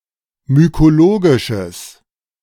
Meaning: strong/mixed nominative/accusative neuter singular of mykologisch
- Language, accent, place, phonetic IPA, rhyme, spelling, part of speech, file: German, Germany, Berlin, [mykoˈloːɡɪʃəs], -oːɡɪʃəs, mykologisches, adjective, De-mykologisches.ogg